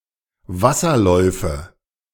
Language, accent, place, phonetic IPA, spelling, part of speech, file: German, Germany, Berlin, [ˈvasɐˌlɔɪ̯fə], Wasserläufe, noun, De-Wasserläufe.ogg
- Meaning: nominative/accusative/genitive plural of Wasserlauf